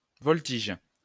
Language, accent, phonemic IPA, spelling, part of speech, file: French, France, /vɔl.tiʒ/, voltige, noun / verb, LL-Q150 (fra)-voltige.wav
- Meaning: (noun) 1. aerobatics 2. vaulting; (verb) inflection of voltiger: 1. first/third-person singular present indicative/subjunctive 2. second-person singular imperative